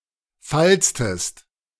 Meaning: inflection of falzen: 1. second-person singular preterite 2. second-person singular subjunctive II
- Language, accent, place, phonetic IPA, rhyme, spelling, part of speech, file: German, Germany, Berlin, [ˈfalt͡stəst], -alt͡stəst, falztest, verb, De-falztest.ogg